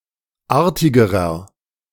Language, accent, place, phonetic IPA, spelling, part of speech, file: German, Germany, Berlin, [ˈaːɐ̯tɪɡəʁɐ], artigerer, adjective, De-artigerer.ogg
- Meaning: inflection of artig: 1. strong/mixed nominative masculine singular comparative degree 2. strong genitive/dative feminine singular comparative degree 3. strong genitive plural comparative degree